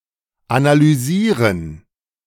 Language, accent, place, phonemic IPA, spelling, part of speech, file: German, Germany, Berlin, /ˌanalyːˈziːʁən/, analysieren, verb, De-analysieren.ogg
- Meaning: to analyze